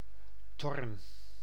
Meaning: a city and former municipality of Maasgouw, Limburg, Netherlands
- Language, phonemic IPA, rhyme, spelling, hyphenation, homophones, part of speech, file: Dutch, /tɔrn/, -ɔrn, Thorn, Thorn, torn, proper noun, Nl-Thorn.ogg